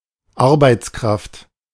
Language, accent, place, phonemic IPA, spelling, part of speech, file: German, Germany, Berlin, /ˈaʁbaɪ̯t͡sˌkʁaft/, Arbeitskraft, noun, De-Arbeitskraft.ogg
- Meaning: 1. worker, employee 2. labor force, manpower 3. workforce 4. labour power